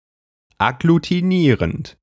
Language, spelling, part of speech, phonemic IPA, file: German, agglutinierend, verb / adjective, /aɡlutiˈniːʁənt/, De-agglutinierend.ogg
- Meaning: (verb) present participle of agglutinieren; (adjective) agglutinating